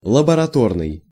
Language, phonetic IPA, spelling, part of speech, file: Russian, [ɫəbərɐˈtornɨj], лабораторный, adjective, Ru-лабораторный.ogg
- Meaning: laboratory